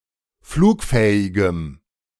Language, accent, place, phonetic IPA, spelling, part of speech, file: German, Germany, Berlin, [ˈfluːkˌfɛːɪɡəm], flugfähigem, adjective, De-flugfähigem.ogg
- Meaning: strong dative masculine/neuter singular of flugfähig